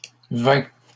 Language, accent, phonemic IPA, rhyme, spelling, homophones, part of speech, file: French, Canada, /vɛ̃/, -ɛ̃, vaincs, vain / vainc / vains / vin / vingt / vingts / vins / vint / vînt, verb, LL-Q150 (fra)-vaincs.wav
- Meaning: inflection of vaincre: 1. first/second-person singular present indicative 2. second-person singular imperative